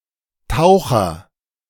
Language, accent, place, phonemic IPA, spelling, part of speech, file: German, Germany, Berlin, /ˈtaʊ̯χɐ/, Taucher, noun, De-Taucher.ogg
- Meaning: 1. agent noun of tauchen; diver (someone who dives, especially as a sport; someone who works underwater) 2. grebe (bird in the family Podicipedidae) 3. loon, diver (bird in the family Gaviidae)